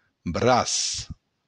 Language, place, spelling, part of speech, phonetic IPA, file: Occitan, Béarn, braç, noun, [ˈbɾas], LL-Q14185 (oci)-braç.wav
- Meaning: arm